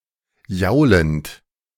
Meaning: present participle of jaulen
- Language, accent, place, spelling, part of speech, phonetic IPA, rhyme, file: German, Germany, Berlin, jaulend, verb, [ˈjaʊ̯lənt], -aʊ̯lənt, De-jaulend.ogg